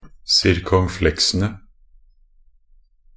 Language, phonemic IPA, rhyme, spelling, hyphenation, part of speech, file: Norwegian Bokmål, /sɪrkɔŋˈflɛksənə/, -ənə, circonflexene, cir‧con‧flex‧en‧e, noun, Nb-circonflexene.ogg
- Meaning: definite plural of circonflexe